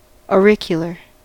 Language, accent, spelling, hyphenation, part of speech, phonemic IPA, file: English, US, auricular, au‧ric‧u‧lar, adjective / noun, /ɔˈɹɪk.jə.lɚ/, En-us-auricular.ogg
- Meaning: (adjective) 1. Of or pertaining to the ear 2. Of or pertaining to the ear.: Of or pertaining to the sense of hearing 3. Of or pertaining to the ear.: Told to the ear; told privately